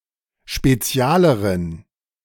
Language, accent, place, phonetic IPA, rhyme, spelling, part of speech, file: German, Germany, Berlin, [ʃpeˈt͡si̯aːləʁən], -aːləʁən, spezialeren, adjective, De-spezialeren.ogg
- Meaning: inflection of spezial: 1. strong genitive masculine/neuter singular comparative degree 2. weak/mixed genitive/dative all-gender singular comparative degree